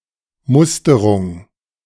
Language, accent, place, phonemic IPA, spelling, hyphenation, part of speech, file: German, Germany, Berlin, /ˈmʊstɐʁʊŋ/, Musterung, Mus‧te‧rung, noun, De-Musterung.ogg
- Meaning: medical examination